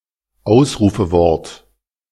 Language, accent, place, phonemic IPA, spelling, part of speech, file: German, Germany, Berlin, /ˈaʊsʁuːfəˌvɔʁt/, Ausrufewort, noun, De-Ausrufewort.ogg
- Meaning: interjection